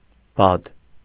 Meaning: duck, drake
- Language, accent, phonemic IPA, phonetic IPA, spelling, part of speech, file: Armenian, Eastern Armenian, /bɑd/, [bɑd], բադ, noun, Hy-բադ.ogg